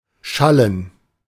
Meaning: to sound, ring (out)
- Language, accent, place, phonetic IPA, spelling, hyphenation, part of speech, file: German, Germany, Berlin, [ˈʃaln̩], schallen, schal‧len, verb, De-schallen.ogg